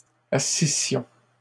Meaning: first-person plural imperfect subjunctive of asseoir
- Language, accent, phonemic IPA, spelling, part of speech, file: French, Canada, /a.si.sjɔ̃/, assissions, verb, LL-Q150 (fra)-assissions.wav